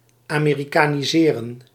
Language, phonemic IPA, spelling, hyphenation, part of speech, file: Dutch, /aːmeːrikaːniˈzeːrə(n)/, amerikaniseren, ame‧ri‧ka‧ni‧se‧ren, verb, Nl-amerikaniseren.ogg
- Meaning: to Americanize (Americanise)